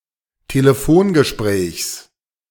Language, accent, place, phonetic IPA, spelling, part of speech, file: German, Germany, Berlin, [teləˈfoːnɡəˌʃpʁɛːçs], Telefongesprächs, noun, De-Telefongesprächs.ogg
- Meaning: genitive singular of Telefongespräch